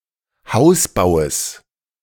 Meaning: genitive singular of Hausbau
- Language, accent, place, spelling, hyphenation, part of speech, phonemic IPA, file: German, Germany, Berlin, Hausbaues, Haus‧bau‧es, noun, /ˈhaʊ̯sˌbaʊ̯əs/, De-Hausbaues.ogg